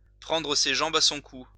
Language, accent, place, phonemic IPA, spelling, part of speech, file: French, France, Lyon, /pʁɑ̃.dʁə se ʒɑ̃.b‿a sɔ̃ ku/, prendre ses jambes à son cou, verb, LL-Q150 (fra)-prendre ses jambes à son cou.wav
- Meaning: to take to one's heels, to run for one's life